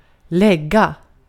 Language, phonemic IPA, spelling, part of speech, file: Swedish, /²lɛɡa/, lägga, verb, Sv-lägga.ogg